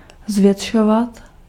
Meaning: to magnify, to expand
- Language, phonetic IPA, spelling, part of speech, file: Czech, [ˈzvjɛtʃovat], zvětšovat, verb, Cs-zvětšovat.ogg